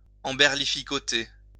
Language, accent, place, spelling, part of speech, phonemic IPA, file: French, France, Lyon, emberlificoter, verb, /ɑ̃.bɛʁ.li.fi.kɔ.te/, LL-Q150 (fra)-emberlificoter.wav
- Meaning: 1. to entangle 2. to muddle up